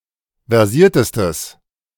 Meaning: strong/mixed nominative/accusative neuter singular superlative degree of versiert
- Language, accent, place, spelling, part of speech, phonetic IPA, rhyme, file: German, Germany, Berlin, versiertestes, adjective, [vɛʁˈziːɐ̯təstəs], -iːɐ̯təstəs, De-versiertestes.ogg